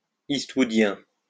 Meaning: Eastwoodian
- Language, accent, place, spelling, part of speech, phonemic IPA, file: French, France, Lyon, eastwoodien, adjective, /is.twu.djɛ̃/, LL-Q150 (fra)-eastwoodien.wav